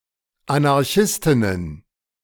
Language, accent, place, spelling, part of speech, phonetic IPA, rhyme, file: German, Germany, Berlin, Anarchistinnen, noun, [anaʁˈçɪstɪnən], -ɪstɪnən, De-Anarchistinnen.ogg
- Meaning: plural of Anarchistin